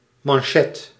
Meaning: 1. cuff (part of shirt) 2. sabot (munition)
- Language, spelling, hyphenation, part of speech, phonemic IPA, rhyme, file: Dutch, manchet, man‧chet, noun, /mɑnˈʃɛt/, -ɛt, Nl-manchet.ogg